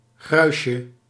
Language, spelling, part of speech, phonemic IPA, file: Dutch, gruisje, noun, /ˈɣrœyʃə/, Nl-gruisje.ogg
- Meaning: diminutive of gruis